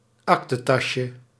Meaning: diminutive of aktetas
- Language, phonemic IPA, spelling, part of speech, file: Dutch, /ˈɑktətɑʃə/, aktetasje, noun, Nl-aktetasje.ogg